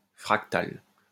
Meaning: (adjective) fractal; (noun) synonym of fractale
- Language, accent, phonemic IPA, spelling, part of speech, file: French, France, /fʁak.tal/, fractal, adjective / noun, LL-Q150 (fra)-fractal.wav